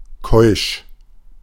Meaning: chaste; sexually pure (abstaining from any sexual activity considered immoral, or from any sexual activity at all)
- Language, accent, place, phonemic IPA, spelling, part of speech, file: German, Germany, Berlin, /kɔʏ̯ʃ/, keusch, adjective, De-keusch.ogg